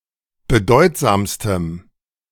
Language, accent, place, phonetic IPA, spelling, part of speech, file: German, Germany, Berlin, [bəˈdɔɪ̯tzaːmstəm], bedeutsamstem, adjective, De-bedeutsamstem.ogg
- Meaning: strong dative masculine/neuter singular superlative degree of bedeutsam